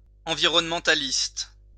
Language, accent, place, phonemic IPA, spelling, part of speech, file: French, France, Lyon, /ɑ̃.vi.ʁɔn.mɑ̃.ta.list/, environnementaliste, noun, LL-Q150 (fra)-environnementaliste.wav
- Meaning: environmentalist